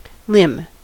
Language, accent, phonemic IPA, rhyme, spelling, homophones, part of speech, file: English, US, /lɪm/, -ɪm, limb, limn / Lymm, noun / verb, En-us-limb.ogg
- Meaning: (noun) 1. A major appendage of human or animal, used for locomotion (such as an arm, leg or wing) 2. A branch of a tree 3. The part of the bow, from the handle to the tip